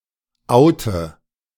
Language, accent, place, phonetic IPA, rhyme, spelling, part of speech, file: German, Germany, Berlin, [ˈaʊ̯tə], -aʊ̯tə, oute, verb, De-oute.ogg
- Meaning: inflection of outen: 1. first-person singular present 2. first/third-person singular subjunctive I 3. singular imperative